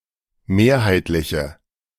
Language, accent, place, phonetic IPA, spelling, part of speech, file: German, Germany, Berlin, [ˈmeːɐ̯haɪ̯tlɪçə], mehrheitliche, adjective, De-mehrheitliche.ogg
- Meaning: inflection of mehrheitlich: 1. strong/mixed nominative/accusative feminine singular 2. strong nominative/accusative plural 3. weak nominative all-gender singular